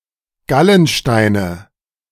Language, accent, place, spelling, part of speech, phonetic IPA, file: German, Germany, Berlin, Gallensteine, noun, [ˈɡalənˌʃtaɪ̯nə], De-Gallensteine.ogg
- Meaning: nominative/accusative/genitive plural of Gallenstein